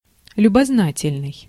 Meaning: curious, inquisitive
- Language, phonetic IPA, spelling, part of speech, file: Russian, [lʲʊbɐzˈnatʲɪlʲnɨj], любознательный, adjective, Ru-любознательный.ogg